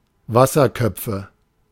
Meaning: nominative/accusative/genitive plural of Wasserkopf
- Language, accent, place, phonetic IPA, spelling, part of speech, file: German, Germany, Berlin, [ˈvasɐˌkœp͡fə], Wasserköpfe, noun, De-Wasserköpfe.ogg